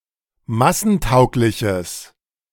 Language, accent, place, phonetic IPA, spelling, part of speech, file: German, Germany, Berlin, [ˈmasn̩ˌtaʊ̯klɪçəs], massentaugliches, adjective, De-massentaugliches.ogg
- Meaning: strong/mixed nominative/accusative neuter singular of massentauglich